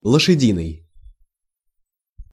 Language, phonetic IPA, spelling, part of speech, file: Russian, [ɫəʂɨˈdʲinɨj], лошадиный, adjective, Ru-лошадиный.ogg
- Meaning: horse, equine